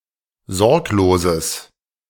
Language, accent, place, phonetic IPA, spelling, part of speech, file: German, Germany, Berlin, [ˈzɔʁkloːzəs], sorgloses, adjective, De-sorgloses.ogg
- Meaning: strong/mixed nominative/accusative neuter singular of sorglos